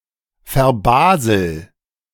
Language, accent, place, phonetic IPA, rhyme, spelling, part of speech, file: German, Germany, Berlin, [fɛɐ̯ˈbaːzl̩], -aːzl̩, verbasel, verb, De-verbasel.ogg
- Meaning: inflection of verbaseln: 1. first-person singular present 2. singular imperative